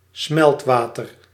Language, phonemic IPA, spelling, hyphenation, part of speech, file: Dutch, /ˈsmɛltˌʋaː.tər/, smeltwater, smelt‧wa‧ter, noun, Nl-smeltwater.ogg
- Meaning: meltwater